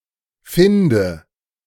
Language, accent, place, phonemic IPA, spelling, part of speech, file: German, Germany, Berlin, /ˈfɪndə/, finde, verb, De-finde.ogg
- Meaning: inflection of finden: 1. first-person singular present 2. first/third-person singular subjunctive I 3. singular imperative